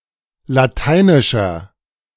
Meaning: inflection of lateinisch: 1. strong/mixed nominative masculine singular 2. strong genitive/dative feminine singular 3. strong genitive plural
- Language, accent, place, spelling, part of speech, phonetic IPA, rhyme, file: German, Germany, Berlin, lateinischer, adjective, [laˈtaɪ̯nɪʃɐ], -aɪ̯nɪʃɐ, De-lateinischer.ogg